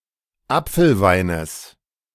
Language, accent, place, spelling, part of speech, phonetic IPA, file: German, Germany, Berlin, Apfelweines, noun, [ˈap͡fl̩ˌvaɪ̯nəs], De-Apfelweines.ogg
- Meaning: genitive singular of Apfelwein